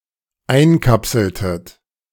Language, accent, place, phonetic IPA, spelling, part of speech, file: German, Germany, Berlin, [ˈaɪ̯nˌkapsl̩tət], einkapseltet, verb, De-einkapseltet.ogg
- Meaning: inflection of einkapseln: 1. second-person plural dependent preterite 2. second-person plural dependent subjunctive II